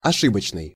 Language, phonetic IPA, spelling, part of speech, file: Russian, [ɐˈʂɨbət͡ɕnɨj], ошибочный, adjective, Ru-ошибочный.ogg
- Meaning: erroneous, mistaken, fallacious